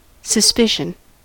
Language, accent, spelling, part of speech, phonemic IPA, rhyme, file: English, US, suspicion, noun / verb, /səˈspɪʃ.ən/, -ɪʃən, En-us-suspicion.ogg
- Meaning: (noun) 1. The act of suspecting something or someone, especially of something wrong 2. The condition of being suspected 3. Uncertainty, doubt 4. A trace, or slight indication